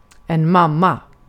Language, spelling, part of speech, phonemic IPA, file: Swedish, mamma, noun, /²mamːa/, Sv-mamma.ogg
- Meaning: mom, mum, mother